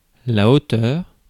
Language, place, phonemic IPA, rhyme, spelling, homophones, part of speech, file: French, Paris, /o.tœʁ/, -œʁ, hauteur, auteur / auteurs / hauteurs, noun, Fr-hauteur.ogg
- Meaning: 1. height, altitude 2. arrogance 3. height 4. pitch